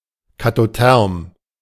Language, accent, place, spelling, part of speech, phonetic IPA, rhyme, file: German, Germany, Berlin, katotherm, adjective, [katoˈtɛʁm], -ɛʁm, De-katotherm.ogg
- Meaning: katothermal: having an increasing temperature with increasing water depth